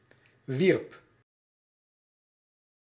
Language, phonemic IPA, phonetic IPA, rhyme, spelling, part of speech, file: Dutch, /ʋirp/, [ʋirp], -irp, wierp, verb, Nl-wierp.ogg
- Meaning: singular past indicative of werpen